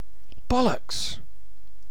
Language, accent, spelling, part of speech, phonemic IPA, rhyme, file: English, UK, bollocks, noun / verb / interjection, /ˈbɒ.ləks/, -ɒləks, En-uk-Bollocks2.ogg
- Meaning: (noun) 1. The testicles 2. An idiot; an ignorant or disagreeable person 3. Nonsense; rubbish 4. Ellipsis of the dog's bollocks; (verb) 1. To break 2. To fail (a task); to make a mess of